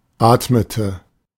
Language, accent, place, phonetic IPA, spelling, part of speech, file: German, Germany, Berlin, [ˈaːtmətə], atmete, verb, De-atmete.ogg
- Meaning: inflection of atmen: 1. first/third-person singular preterite 2. first/third-person singular subjunctive II